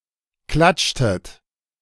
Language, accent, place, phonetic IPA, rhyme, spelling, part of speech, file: German, Germany, Berlin, [ˈklat͡ʃtət], -at͡ʃtət, klatschtet, verb, De-klatschtet.ogg
- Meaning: inflection of klatschen: 1. second-person plural preterite 2. second-person plural subjunctive II